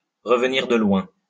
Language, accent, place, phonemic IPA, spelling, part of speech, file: French, France, Lyon, /ʁə.v(ə).niʁ də lwɛ̃/, revenir de loin, verb, LL-Q150 (fra)-revenir de loin.wav
- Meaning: to have had a close shave; to have come a long way; to have been to hell and back (to have made a spectacular recovery)